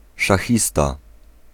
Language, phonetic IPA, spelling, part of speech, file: Polish, [ʃaˈxʲista], szachista, noun, Pl-szachista.ogg